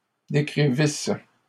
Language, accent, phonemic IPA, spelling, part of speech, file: French, Canada, /de.kʁi.vis/, décrivisses, verb, LL-Q150 (fra)-décrivisses.wav
- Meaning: second-person singular imperfect subjunctive of décrire